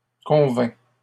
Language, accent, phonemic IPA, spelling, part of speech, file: French, Canada, /kɔ̃.vɛ̃/, convins, verb, LL-Q150 (fra)-convins.wav
- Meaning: first/second-person singular past historic of convenir